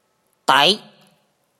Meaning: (character) Da, the eighteen consonant of the Mon alphabet; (noun) verbal affix, affirmative
- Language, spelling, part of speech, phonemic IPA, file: Mon, ဒ, character / noun, /tɛ̤ʔ/, Mnw-ဒ.oga